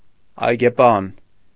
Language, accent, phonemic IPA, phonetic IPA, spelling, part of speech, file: Armenian, Eastern Armenian, /ɑjɡeˈpɑn/, [ɑjɡepɑ́n], այգեպան, noun, Hy-այգեպան.ogg
- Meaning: gardener